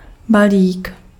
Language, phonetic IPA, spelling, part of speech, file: Czech, [ˈbaliːk], balík, noun, Cs-balík.ogg
- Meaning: 1. parcel, package 2. hick 3. bundle (package wrapped or tied up for carrying) 4. bundle (large amount, especially of money)